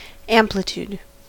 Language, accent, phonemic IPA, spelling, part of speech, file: English, US, /ˈæm.plɪ.tud/, amplitude, noun, En-us-amplitude.ogg
- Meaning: The measure of the size of something, especially its width or breadth; largeness, magnitude